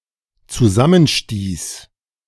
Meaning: first/third-person singular dependent preterite of zusammenstoßen
- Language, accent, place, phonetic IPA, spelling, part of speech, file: German, Germany, Berlin, [t͡suˈzamənˌʃtiːs], zusammenstieß, verb, De-zusammenstieß.ogg